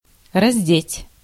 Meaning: to undress (to remove someone’s clothing)
- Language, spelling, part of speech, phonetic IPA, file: Russian, раздеть, verb, [rɐzʲˈdʲetʲ], Ru-раздеть.ogg